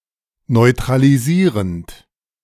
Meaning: present participle of neutralisieren
- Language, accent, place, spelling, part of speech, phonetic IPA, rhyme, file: German, Germany, Berlin, neutralisierend, verb, [nɔɪ̯tʁaliˈziːʁənt], -iːʁənt, De-neutralisierend.ogg